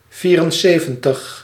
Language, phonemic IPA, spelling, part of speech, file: Dutch, /ˈviːrənˌseːvə(n)təx/, vierenzeventig, numeral, Nl-vierenzeventig.ogg
- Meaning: seventy-four